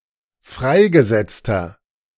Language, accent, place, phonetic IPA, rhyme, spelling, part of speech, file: German, Germany, Berlin, [ˈfʁaɪ̯ɡəˌzɛt͡stɐ], -aɪ̯ɡəzɛt͡stɐ, freigesetzter, adjective, De-freigesetzter.ogg
- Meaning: inflection of freigesetzt: 1. strong/mixed nominative masculine singular 2. strong genitive/dative feminine singular 3. strong genitive plural